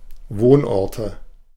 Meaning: nominative/accusative/genitive plural of Wohnort
- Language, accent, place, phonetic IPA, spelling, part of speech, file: German, Germany, Berlin, [ˈvoːnˌʔɔʁtə], Wohnorte, noun, De-Wohnorte.ogg